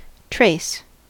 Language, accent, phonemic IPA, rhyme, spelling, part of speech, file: English, US, /tɹeɪs/, -eɪs, trace, noun / adjective / verb, En-us-trace.ogg
- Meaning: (noun) 1. An act of tracing 2. An enquiry sent out for a missing article, such as a letter or an express package 3. A mark left as a sign of passage of a person or animal